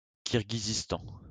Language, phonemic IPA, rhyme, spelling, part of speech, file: French, /kiʁ.ɡi.zis.tɑ̃/, -ɑ̃, Kirghizistan, proper noun, LL-Q150 (fra)-Kirghizistan.wav
- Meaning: Kyrgyzstan (a country in Central Asia, bordering on Kazakhstan, Uzbekistan, Tajikistan and China)